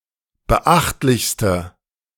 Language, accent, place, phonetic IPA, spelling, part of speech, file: German, Germany, Berlin, [bəˈʔaxtlɪçstə], beachtlichste, adjective, De-beachtlichste.ogg
- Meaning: inflection of beachtlich: 1. strong/mixed nominative/accusative feminine singular superlative degree 2. strong nominative/accusative plural superlative degree